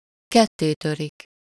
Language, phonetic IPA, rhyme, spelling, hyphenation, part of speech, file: Hungarian, [ˈkɛtːeːtørik], -ørik, kettétörik, ket‧té‧tö‧rik, verb, Hu-kettétörik.ogg
- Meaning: to break in two, break in half, break asunder